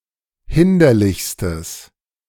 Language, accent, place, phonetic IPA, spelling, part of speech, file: German, Germany, Berlin, [ˈhɪndɐlɪçstəs], hinderlichstes, adjective, De-hinderlichstes.ogg
- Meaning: strong/mixed nominative/accusative neuter singular superlative degree of hinderlich